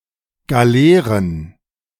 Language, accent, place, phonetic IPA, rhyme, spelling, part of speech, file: German, Germany, Berlin, [ɡaˈleːʁən], -eːʁən, Galeeren, noun, De-Galeeren.ogg
- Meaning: plural of Galeere